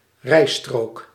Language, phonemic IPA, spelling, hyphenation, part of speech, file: Dutch, /ˈrɛi̯.stroːk/, rijstrook, rij‧strook, noun, Nl-rijstrook.ogg
- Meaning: each of several parallel driving lanes on a (broad) road